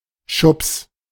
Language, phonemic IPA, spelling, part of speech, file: German, /ʃʊps/, Schubs, noun, De-Schubs.ogg
- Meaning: shove (an instance of shoving)